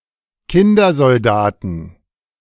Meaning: inflection of Kindersoldat: 1. genitive/dative/accusative singular 2. plural
- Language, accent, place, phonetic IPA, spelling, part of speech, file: German, Germany, Berlin, [ˈkɪndɐzɔlˌdaːtn̩], Kindersoldaten, noun, De-Kindersoldaten.ogg